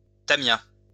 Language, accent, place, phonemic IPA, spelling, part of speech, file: French, France, Lyon, /ta.mja/, tamia, noun, LL-Q150 (fra)-tamia.wav
- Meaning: chipmunk (squirrel-like rodent)